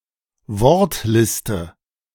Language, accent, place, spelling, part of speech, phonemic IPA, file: German, Germany, Berlin, Wortliste, noun, /ˈvɔʁtˌlɪstə/, De-Wortliste.ogg
- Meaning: word list